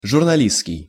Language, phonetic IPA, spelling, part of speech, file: Russian, [ʐʊrnɐˈlʲist͡skʲɪj], журналистский, adjective, Ru-журналистский.ogg
- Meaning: journalistic